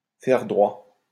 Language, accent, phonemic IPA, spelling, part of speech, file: French, France, /fɛʁ dʁwa/, faire droit, verb, LL-Q150 (fra)-faire droit.wav
- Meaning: to comply with, to agree to, to grant